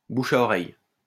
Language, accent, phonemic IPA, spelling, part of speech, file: French, France, /bu.ʃ‿a ɔ.ʁɛj/, bouche à oreille, noun, LL-Q150 (fra)-bouche à oreille.wav
- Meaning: word of mouth; rumour